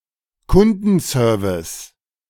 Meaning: customer service
- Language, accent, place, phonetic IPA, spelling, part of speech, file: German, Germany, Berlin, [ˈkʊndn̩ˌsœːɐ̯vɪs], Kundenservice, noun, De-Kundenservice.ogg